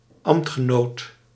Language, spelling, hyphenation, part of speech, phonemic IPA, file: Dutch, ambtgenoot, ambt‧ge‧noot, noun, /ˈɑm(p)t.xəˌnoːt/, Nl-ambtgenoot.ogg
- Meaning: someone who exercises the same or an equivalent office; colleague or counterpart of the same rank; opposite number